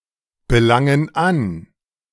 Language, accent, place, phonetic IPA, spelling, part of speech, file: German, Germany, Berlin, [bəˌlaŋən ˈan], belangen an, verb, De-belangen an.ogg
- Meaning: inflection of anbelangen: 1. first/third-person plural present 2. first/third-person plural subjunctive I